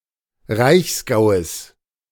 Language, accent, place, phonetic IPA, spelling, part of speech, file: German, Germany, Berlin, [ˈʁaɪ̯çsˌɡaʊ̯əs], Reichsgaues, noun, De-Reichsgaues.ogg
- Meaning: genitive singular of Reichsgau